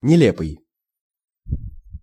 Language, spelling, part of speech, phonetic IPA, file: Russian, нелепый, adjective, [nʲɪˈlʲepɨj], Ru-нелепый.ogg
- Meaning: absurd, odd, ridiculous